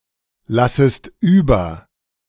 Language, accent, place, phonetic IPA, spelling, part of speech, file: German, Germany, Berlin, [ˌlasəst ˈyːbɐ], lassest über, verb, De-lassest über.ogg
- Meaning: second-person singular subjunctive I of überlassen